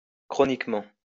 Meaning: chronically
- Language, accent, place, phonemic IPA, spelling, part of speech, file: French, France, Lyon, /kʁɔ.nik.mɑ̃/, chroniquement, adverb, LL-Q150 (fra)-chroniquement.wav